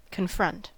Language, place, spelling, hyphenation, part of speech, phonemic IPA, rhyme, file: English, California, confront, con‧front, verb, /kənˈfɹʌnt/, -ʌnt, En-us-confront.ogg
- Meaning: 1. To stand or meet facing, especially in competition, hostility or defiance; to come face to face with 2. To deal with 3. To bring someone face to face with something